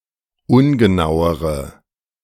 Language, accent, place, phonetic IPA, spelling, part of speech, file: German, Germany, Berlin, [ˈʊnɡəˌnaʊ̯əʁə], ungenauere, adjective, De-ungenauere.ogg
- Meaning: inflection of ungenau: 1. strong/mixed nominative/accusative feminine singular comparative degree 2. strong nominative/accusative plural comparative degree